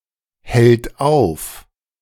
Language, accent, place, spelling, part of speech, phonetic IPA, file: German, Germany, Berlin, hält auf, verb, [ˌhɛlt ˈaʊ̯f], De-hält auf.ogg
- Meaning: third-person singular present of aufhalten